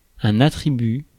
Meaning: 1. attribute (characteristic or quality) 2. complement 3. attribute
- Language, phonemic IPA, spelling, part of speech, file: French, /a.tʁi.by/, attribut, noun, Fr-attribut.ogg